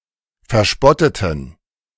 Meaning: inflection of verspotten: 1. first/third-person plural preterite 2. first/third-person plural subjunctive II
- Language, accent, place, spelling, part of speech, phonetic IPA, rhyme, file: German, Germany, Berlin, verspotteten, adjective / verb, [fɛɐ̯ˈʃpɔtətn̩], -ɔtətn̩, De-verspotteten.ogg